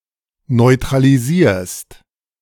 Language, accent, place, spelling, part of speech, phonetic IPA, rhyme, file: German, Germany, Berlin, neutralisierst, verb, [nɔɪ̯tʁaliˈziːɐ̯st], -iːɐ̯st, De-neutralisierst.ogg
- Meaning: second-person singular present of neutralisieren